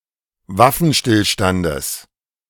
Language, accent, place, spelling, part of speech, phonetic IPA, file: German, Germany, Berlin, Waffenstillstandes, noun, [ˈvafn̩ˌʃtɪlʃtandəs], De-Waffenstillstandes.ogg
- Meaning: genitive singular of Waffenstillstand